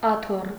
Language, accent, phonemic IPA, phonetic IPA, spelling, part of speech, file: Armenian, Eastern Armenian, /ɑˈtʰor/, [ɑtʰór], աթոռ, noun, Hy-աթոռ.ogg
- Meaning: 1. chair 2. throne